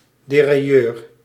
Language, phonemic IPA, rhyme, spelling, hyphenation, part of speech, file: Dutch, /ˌdeː.raːˈjøːr/, -øːr, derailleur, de‧rail‧leur, noun, Nl-derailleur.ogg
- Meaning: derailleur (mechanism to move from one gear to another)